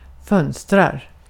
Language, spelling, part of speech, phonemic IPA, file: Swedish, fönster, noun, /¹fœnstɛr/, Sv-fönster.ogg
- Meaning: a window